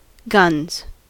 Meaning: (noun) 1. plural of gun 2. Well-developed muscles of the upper arm, especially the biceps and triceps; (verb) third-person singular simple present indicative of gun
- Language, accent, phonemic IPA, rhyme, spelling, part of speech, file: English, US, /ɡʌnz/, -ʌnz, guns, noun / verb, En-us-guns.ogg